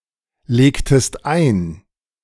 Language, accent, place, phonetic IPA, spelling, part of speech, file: German, Germany, Berlin, [ˌleːktəst ˈaɪ̯n], legtest ein, verb, De-legtest ein.ogg
- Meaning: inflection of einlegen: 1. second-person singular preterite 2. second-person singular subjunctive II